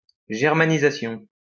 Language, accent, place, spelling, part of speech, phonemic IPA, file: French, France, Lyon, germanisation, noun, /ʒɛʁ.ma.ni.za.sjɔ̃/, LL-Q150 (fra)-germanisation.wav
- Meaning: Germanization (Making more German)